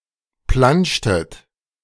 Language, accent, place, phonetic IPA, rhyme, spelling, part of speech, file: German, Germany, Berlin, [ˈplanʃtət], -anʃtət, planschtet, verb, De-planschtet.ogg
- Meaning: inflection of planschen: 1. second-person plural preterite 2. second-person plural subjunctive II